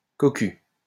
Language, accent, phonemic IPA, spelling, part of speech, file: French, France, /kɔ.ky/, cocu, noun / adjective, LL-Q150 (fra)-cocu.wav
- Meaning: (noun) cuckold; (adjective) cuckolded